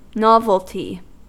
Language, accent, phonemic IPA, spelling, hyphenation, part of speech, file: English, US, /ˈnɑvəlti/, novelty, nov‧el‧ty, noun / adjective, En-us-novelty.ogg
- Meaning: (noun) 1. The state of being new or novel; newness 2. A new product; an innovation 3. A small mass-produced trinket